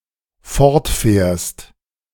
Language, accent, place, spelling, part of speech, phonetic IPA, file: German, Germany, Berlin, fortfährst, verb, [ˈfɔʁtˌfɛːɐ̯st], De-fortfährst.ogg
- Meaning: second-person singular dependent present of fortfahren